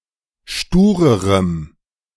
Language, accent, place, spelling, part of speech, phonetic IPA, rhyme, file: German, Germany, Berlin, sturerem, adjective, [ˈʃtuːʁəʁəm], -uːʁəʁəm, De-sturerem.ogg
- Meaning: strong dative masculine/neuter singular comparative degree of stur